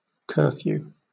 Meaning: Any regulation requiring people to be off the streets and in their homes by a certain time
- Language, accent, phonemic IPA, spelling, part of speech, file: English, Southern England, /ˈkɜː.fjuː/, curfew, noun, LL-Q1860 (eng)-curfew.wav